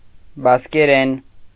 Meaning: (noun) Basque (language); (adverb) in Basque; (adjective) Basque (of or pertaining to the language)
- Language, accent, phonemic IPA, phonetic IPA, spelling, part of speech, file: Armenian, Eastern Armenian, /bɑskeˈɾen/, [bɑskeɾén], բասկերեն, noun / adverb / adjective, Hy-բասկերեն .ogg